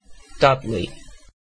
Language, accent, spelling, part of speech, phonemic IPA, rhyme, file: English, UK, Dudley, proper noun / noun, /ˈdʌdli/, -ʌdli, En-uk-Dudley.ogg
- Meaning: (proper noun) A habitational surname from Old English, notably of Robert Dudley, Earl of Leicester at the time of Elizabeth I